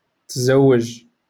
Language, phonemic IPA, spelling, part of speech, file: Moroccan Arabic, /tzaw.waʒ/, تزوج, verb, LL-Q56426 (ary)-تزوج.wav
- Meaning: 1. to get married (to each other) 2. to marry (someone), to get married (to someone) 3. to take another spouse in addition to